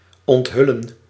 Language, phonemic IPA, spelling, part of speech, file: Dutch, /ˌɔntˈɦʏ.lə(n)/, onthullen, verb, Nl-onthullen.ogg
- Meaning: to reveal, to uncover